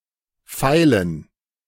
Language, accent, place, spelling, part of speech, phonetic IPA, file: German, Germany, Berlin, feilen, verb, [ˈfaɪ̯lən], De-feilen.ogg
- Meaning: 1. to file (to smooth or shape something with a file) 2. to work on, to fine-tune (to try to improve something to perfection, especially with smaller changes)